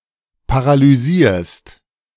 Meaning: second-person singular present of paralysieren
- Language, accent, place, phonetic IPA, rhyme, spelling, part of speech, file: German, Germany, Berlin, [paʁalyˈziːɐ̯st], -iːɐ̯st, paralysierst, verb, De-paralysierst.ogg